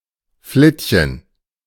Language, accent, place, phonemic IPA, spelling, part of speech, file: German, Germany, Berlin, /ˈflɪtçən/, Flittchen, noun, De-Flittchen.ogg
- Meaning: hussy; tart; slut (a promiscuous (young) woman)